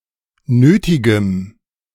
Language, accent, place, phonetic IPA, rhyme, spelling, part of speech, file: German, Germany, Berlin, [ˈnøːtɪɡəm], -øːtɪɡəm, nötigem, adjective, De-nötigem.ogg
- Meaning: strong dative masculine/neuter singular of nötig